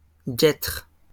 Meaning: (noun) 1. gaiter 2. leggings; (verb) inflection of guêtrer: 1. first/third-person singular present indicative/subjunctive 2. second-person singular imperative
- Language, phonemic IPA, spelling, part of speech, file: French, /ɡɛtʁ/, guêtre, noun / verb, LL-Q150 (fra)-guêtre.wav